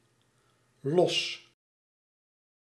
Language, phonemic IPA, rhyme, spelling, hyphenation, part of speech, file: Dutch, /lɔs/, -ɔs, los, los, adjective / noun / verb, Nl-los.ogg
- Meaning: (adjective) 1. loose 2. separate, individual; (noun) synonym of lynx; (verb) inflection of lossen: 1. first-person singular present indicative 2. second-person singular present indicative